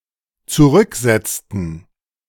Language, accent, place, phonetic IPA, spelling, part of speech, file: German, Germany, Berlin, [t͡suˈʁʏkˌzɛt͡stn̩], zurücksetzten, verb, De-zurücksetzten.ogg
- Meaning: inflection of zurücksetzen: 1. first/third-person plural dependent preterite 2. first/third-person plural dependent subjunctive II